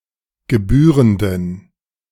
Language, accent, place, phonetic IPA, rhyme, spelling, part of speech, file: German, Germany, Berlin, [ɡəˈbyːʁəndn̩], -yːʁəndn̩, gebührenden, adjective, De-gebührenden.ogg
- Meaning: inflection of gebührend: 1. strong genitive masculine/neuter singular 2. weak/mixed genitive/dative all-gender singular 3. strong/weak/mixed accusative masculine singular 4. strong dative plural